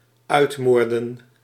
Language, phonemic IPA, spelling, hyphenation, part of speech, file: Dutch, /ˈœy̯tˌmoːr.də(n)/, uitmoorden, uit‧moor‧den, verb, Nl-uitmoorden.ogg
- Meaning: to exterminate, to annihilate, to murder (almost) all members of a group